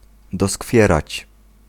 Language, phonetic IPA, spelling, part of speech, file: Polish, [dɔˈskfʲjɛrat͡ɕ], doskwierać, verb, Pl-doskwierać.ogg